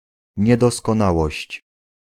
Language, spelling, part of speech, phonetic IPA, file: Polish, niedoskonałość, noun, [ˌɲɛdɔskɔ̃ˈnawɔɕt͡ɕ], Pl-niedoskonałość.ogg